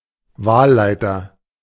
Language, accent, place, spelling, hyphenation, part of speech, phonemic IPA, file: German, Germany, Berlin, Wahlleiter, Wahl‧lei‧ter, noun, /ˈvaːlˌlaɪ̯tɐ/, De-Wahlleiter.ogg
- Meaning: returning officer